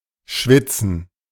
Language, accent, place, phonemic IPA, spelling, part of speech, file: German, Germany, Berlin, /ˈʃvɪtsən/, schwitzen, verb, De-schwitzen.ogg
- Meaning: 1. to sweat; to perspire (of living beings) 2. to give off water (of things) 3. to think hard; to work hard 4. to be in fear; to worry